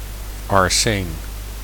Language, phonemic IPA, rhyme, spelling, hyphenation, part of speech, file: Dutch, /ɑrˈseːn/, -eːn, arseen, ar‧seen, noun, Nl-arseen.ogg
- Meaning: arsenic